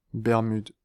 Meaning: Bermuda (an archipelago and overseas territory of the United Kingdom in the North Atlantic Ocean)
- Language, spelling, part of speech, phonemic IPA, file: French, Bermudes, proper noun, /bɛʁ.myd/, Fr-Bermudes.ogg